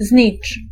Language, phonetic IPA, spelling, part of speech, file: Polish, [zʲɲit͡ʃ], znicz, noun, Pl-znicz.ogg